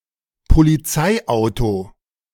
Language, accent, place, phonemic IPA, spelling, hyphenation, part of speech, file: German, Germany, Berlin, /ˌpoliˈt͡saɪ̯ˌʔaʊ̯to/, Polizeiauto, Po‧li‧zei‧au‧to, noun, De-Polizeiauto.ogg
- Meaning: police car